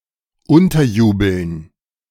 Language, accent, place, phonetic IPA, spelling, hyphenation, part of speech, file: German, Germany, Berlin, [ˈʊntɐˌjuːbl̩n], unterjubeln, un‧ter‧ju‧beln, verb, De-unterjubeln.ogg
- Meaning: to deceive someone into accepting or carrying something without their full knowledge, to plant something on someone